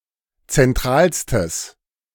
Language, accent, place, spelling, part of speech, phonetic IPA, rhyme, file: German, Germany, Berlin, zentralstes, adjective, [t͡sɛnˈtʁaːlstəs], -aːlstəs, De-zentralstes.ogg
- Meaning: strong/mixed nominative/accusative neuter singular superlative degree of zentral